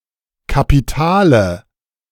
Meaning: 1. synonym of Hauptstadt (“capital city”) 2. synonym of Initiale (“drop cap, large initial”) 3. nominative/accusative/genitive plural of Kapital 4. dative singular of Kapital
- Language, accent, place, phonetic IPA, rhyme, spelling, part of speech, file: German, Germany, Berlin, [kapiˈtaːlə], -aːlə, Kapitale, noun, De-Kapitale.ogg